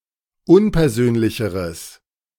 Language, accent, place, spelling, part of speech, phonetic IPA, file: German, Germany, Berlin, unpersönlicheres, adjective, [ˈʊnpɛɐ̯ˌzøːnlɪçəʁəs], De-unpersönlicheres.ogg
- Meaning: strong/mixed nominative/accusative neuter singular comparative degree of unpersönlich